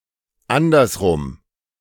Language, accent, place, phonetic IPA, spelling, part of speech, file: German, Germany, Berlin, [ˈandɐsˌʁʊm], andersrum, adverb / adjective, De-andersrum.ogg
- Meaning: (adverb) the other way round, in a reverse position, order or orientation; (adjective) homosexual, invert